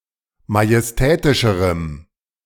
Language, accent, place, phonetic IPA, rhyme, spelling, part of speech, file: German, Germany, Berlin, [majɛsˈtɛːtɪʃəʁəm], -ɛːtɪʃəʁəm, majestätischerem, adjective, De-majestätischerem.ogg
- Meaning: strong dative masculine/neuter singular comparative degree of majestätisch